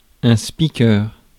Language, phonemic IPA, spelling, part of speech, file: French, /spi.kœʁ/, speaker, noun, Fr-speaker.ogg
- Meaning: 1. announcer 2. speaker (in parliament)